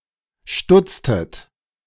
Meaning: inflection of stutzen: 1. second-person plural preterite 2. second-person plural subjunctive II
- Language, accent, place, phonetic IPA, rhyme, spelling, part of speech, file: German, Germany, Berlin, [ˈʃtʊt͡stət], -ʊt͡stət, stutztet, verb, De-stutztet.ogg